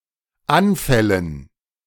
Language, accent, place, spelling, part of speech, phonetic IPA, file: German, Germany, Berlin, Anfällen, noun, [ˈanˌfɛlən], De-Anfällen.ogg
- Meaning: dative plural of Anfall